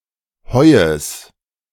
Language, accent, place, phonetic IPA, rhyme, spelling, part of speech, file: German, Germany, Berlin, [ˈhɔɪ̯əs], -ɔɪ̯əs, Heues, noun, De-Heues.ogg
- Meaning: genitive of Heu